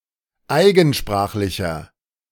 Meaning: inflection of eigensprachlich: 1. strong/mixed nominative masculine singular 2. strong genitive/dative feminine singular 3. strong genitive plural
- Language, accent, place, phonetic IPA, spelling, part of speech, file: German, Germany, Berlin, [ˈaɪ̯ɡn̩ˌʃpʁaːxlɪçɐ], eigensprachlicher, adjective, De-eigensprachlicher.ogg